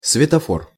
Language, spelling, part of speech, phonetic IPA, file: Russian, светофор, noun, [svʲɪtɐˈfor], Ru-светофор.ogg
- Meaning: traffic light